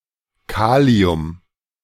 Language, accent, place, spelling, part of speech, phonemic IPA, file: German, Germany, Berlin, Kalium, noun, /ˈkaːli̯ʊm/, De-Kalium.ogg
- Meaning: potassium